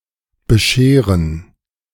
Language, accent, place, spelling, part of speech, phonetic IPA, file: German, Germany, Berlin, bescheren, verb, [bəˈʃeːʁən], De-bescheren.ogg
- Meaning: 1. to present as a gift (especially Christmas presents) 2. to give (Christmas) presents to (someone) 3. to grant, to provide, to bestow, to bring 4. to trim, to cut 5. to shave, cut someone's hair